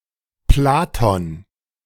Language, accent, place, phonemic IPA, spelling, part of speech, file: German, Germany, Berlin, /ˈplaːtɔn/, Platon, proper noun, De-Platon.ogg
- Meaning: Plato (Greek philosopher)